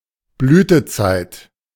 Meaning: 1. blossoming time, budding time; florescence (of flowers and other plants) 2. heyday, prime (someone's youth or most productive years of life)
- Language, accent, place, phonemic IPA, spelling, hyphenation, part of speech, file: German, Germany, Berlin, /ˈblyːtəˌt͡saɪ̯t/, Blütezeit, Blü‧te‧zeit, noun, De-Blütezeit.ogg